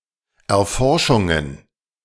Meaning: plural of Erforschung
- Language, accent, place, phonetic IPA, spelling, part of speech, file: German, Germany, Berlin, [ɛɐ̯ˈfɔʁʃʊŋən], Erforschungen, noun, De-Erforschungen.ogg